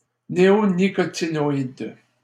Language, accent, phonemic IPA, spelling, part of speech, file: French, Canada, /ne.o.ni.kɔ.ti.nɔ.id/, néonicotinoïde, noun, LL-Q150 (fra)-néonicotinoïde.wav
- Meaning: neonicotinoid